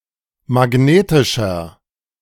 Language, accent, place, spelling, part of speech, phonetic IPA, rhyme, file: German, Germany, Berlin, magnetischer, adjective, [maˈɡneːtɪʃɐ], -eːtɪʃɐ, De-magnetischer.ogg
- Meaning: inflection of magnetisch: 1. strong/mixed nominative masculine singular 2. strong genitive/dative feminine singular 3. strong genitive plural